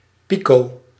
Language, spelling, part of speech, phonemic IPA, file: Dutch, pico-, prefix, /ˈpi.ko/, Nl-pico-.ogg
- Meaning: pico-